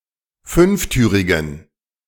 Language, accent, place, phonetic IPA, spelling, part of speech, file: German, Germany, Berlin, [ˈfʏnfˌtyːʁɪɡn̩], fünftürigen, adjective, De-fünftürigen.ogg
- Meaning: inflection of fünftürig: 1. strong genitive masculine/neuter singular 2. weak/mixed genitive/dative all-gender singular 3. strong/weak/mixed accusative masculine singular 4. strong dative plural